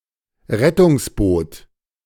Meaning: lifeboat
- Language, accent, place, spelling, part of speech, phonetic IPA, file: German, Germany, Berlin, Rettungsboot, noun, [ˈʁɛtʊŋsˌboːt], De-Rettungsboot.ogg